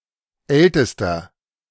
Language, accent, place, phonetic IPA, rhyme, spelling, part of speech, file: German, Germany, Berlin, [ˈɛltəstɐ], -ɛltəstɐ, ältester, adjective, De-ältester.ogg
- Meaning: inflection of alt: 1. strong/mixed nominative masculine singular superlative degree 2. strong genitive/dative feminine singular superlative degree 3. strong genitive plural superlative degree